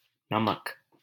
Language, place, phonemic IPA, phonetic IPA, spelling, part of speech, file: Hindi, Delhi, /nə.mək/, [nɐ.mɐk], नमक, noun, LL-Q1568 (hin)-नमक.wav
- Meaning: salt